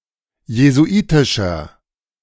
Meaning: 1. comparative degree of jesuitisch 2. inflection of jesuitisch: strong/mixed nominative masculine singular 3. inflection of jesuitisch: strong genitive/dative feminine singular
- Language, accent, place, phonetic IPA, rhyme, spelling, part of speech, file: German, Germany, Berlin, [jezuˈʔiːtɪʃɐ], -iːtɪʃɐ, jesuitischer, adjective, De-jesuitischer.ogg